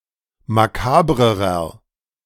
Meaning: inflection of makaber: 1. strong/mixed nominative masculine singular comparative degree 2. strong genitive/dative feminine singular comparative degree 3. strong genitive plural comparative degree
- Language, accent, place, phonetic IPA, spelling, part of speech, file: German, Germany, Berlin, [maˈkaːbʁəʁɐ], makabrerer, adjective, De-makabrerer.ogg